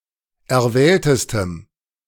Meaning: strong dative masculine/neuter singular superlative degree of erwählt
- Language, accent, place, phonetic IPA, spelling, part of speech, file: German, Germany, Berlin, [ɛɐ̯ˈvɛːltəstəm], erwähltestem, adjective, De-erwähltestem.ogg